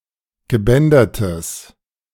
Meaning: strong/mixed nominative/accusative neuter singular of gebändert
- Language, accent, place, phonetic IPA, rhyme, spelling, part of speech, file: German, Germany, Berlin, [ɡəˈbɛndɐtəs], -ɛndɐtəs, gebändertes, adjective, De-gebändertes.ogg